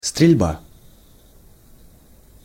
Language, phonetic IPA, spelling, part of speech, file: Russian, [strʲɪlʲˈba], стрельба, noun, Ru-стрельба.ogg
- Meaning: shooting